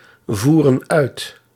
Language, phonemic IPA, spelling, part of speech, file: Dutch, /ˈvurə(n) ˈœyt/, voeren uit, verb, Nl-voeren uit.ogg
- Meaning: inflection of uitvoeren: 1. plural present indicative 2. plural present subjunctive